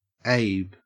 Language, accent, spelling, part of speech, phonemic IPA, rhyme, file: English, Australia, Abe, proper noun / noun, /eɪb/, -eɪb, En-au-Abe.ogg
- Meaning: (proper noun) A diminutive of the male given name Abraham, from Hebrew; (noun) A five-dollar bill